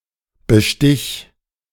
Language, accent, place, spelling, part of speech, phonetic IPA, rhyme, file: German, Germany, Berlin, bestich, verb, [bəˈʃtɪç], -ɪç, De-bestich.ogg
- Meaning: singular imperative of bestechen